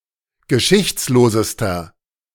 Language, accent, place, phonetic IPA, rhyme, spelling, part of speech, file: German, Germany, Berlin, [ɡəˈʃɪçt͡sloːzəstɐ], -ɪçt͡sloːzəstɐ, geschichtslosester, adjective, De-geschichtslosester.ogg
- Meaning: inflection of geschichtslos: 1. strong/mixed nominative masculine singular superlative degree 2. strong genitive/dative feminine singular superlative degree